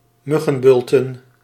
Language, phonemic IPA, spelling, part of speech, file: Dutch, /ˈmʏɣə(n)ˌbʏltə(n)/, muggenbulten, noun, Nl-muggenbulten.ogg
- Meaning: plural of muggenbult